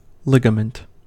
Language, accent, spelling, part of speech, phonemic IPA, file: English, US, ligament, noun, /ˈlɪɡəmənt/, En-us-ligament.ogg
- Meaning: 1. A band of strong tissue that connects bones to other bones 2. That which binds or acts as a ligament